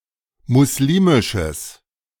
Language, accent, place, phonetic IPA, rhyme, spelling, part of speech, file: German, Germany, Berlin, [mʊsˈliːmɪʃəs], -iːmɪʃəs, muslimisches, adjective, De-muslimisches.ogg
- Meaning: strong/mixed nominative/accusative neuter singular of muslimisch